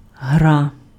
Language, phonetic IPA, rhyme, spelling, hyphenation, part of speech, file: Ukrainian, [ɦra], -a, гра, гра, noun, Uk-гра.ogg
- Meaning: game, play